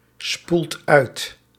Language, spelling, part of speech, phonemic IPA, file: Dutch, spoelt uit, verb, /ˈspult ˈœyt/, Nl-spoelt uit.ogg
- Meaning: inflection of uitspoelen: 1. second/third-person singular present indicative 2. plural imperative